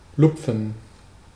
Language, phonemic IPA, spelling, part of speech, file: German, /ˈlʊpf(ə)n/, lupfen, verb, De-lupfen.ogg
- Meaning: 1. to lift; to raise 2. to lift the ball steeply, usually without spin, by putting the tip of one’s foot under it and abruptly lifting the leg